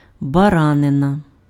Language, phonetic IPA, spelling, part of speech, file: Ukrainian, [bɐˈranenɐ], баранина, noun, Uk-баранина.ogg
- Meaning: mutton (meat of sheep)